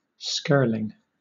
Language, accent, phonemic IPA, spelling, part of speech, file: English, Southern England, /ˈskɜːlɪŋ/, skirling, verb / noun, LL-Q1860 (eng)-skirling.wav
- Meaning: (verb) present participle and gerund of skirl; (noun) 1. A small trout or salmon 2. A shrill cry or sound; a crying shrilly; a skirl